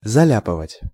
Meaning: to slap, to splotch, to daub (paint on something)
- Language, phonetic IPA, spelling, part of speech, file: Russian, [zɐˈlʲapɨvətʲ], заляпывать, verb, Ru-заляпывать.ogg